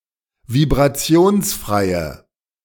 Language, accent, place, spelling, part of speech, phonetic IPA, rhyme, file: German, Germany, Berlin, vibrationsfreie, adjective, [vibʁaˈt͡si̯oːnsˌfʁaɪ̯ə], -oːnsfʁaɪ̯ə, De-vibrationsfreie.ogg
- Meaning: inflection of vibrationsfrei: 1. strong/mixed nominative/accusative feminine singular 2. strong nominative/accusative plural 3. weak nominative all-gender singular